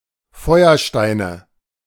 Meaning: nominative/accusative/genitive plural of Feuerstein
- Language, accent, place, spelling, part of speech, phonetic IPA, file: German, Germany, Berlin, Feuersteine, noun, [ˈfɔɪ̯ɐˌʃtaɪ̯nə], De-Feuersteine.ogg